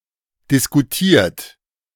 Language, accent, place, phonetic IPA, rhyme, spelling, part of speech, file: German, Germany, Berlin, [dɪskuˈtiːɐ̯t], -iːɐ̯t, diskutiert, verb, De-diskutiert.ogg
- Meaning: 1. past participle of diskutieren 2. inflection of diskutieren: third-person singular present 3. inflection of diskutieren: second-person plural present 4. inflection of diskutieren: plural imperative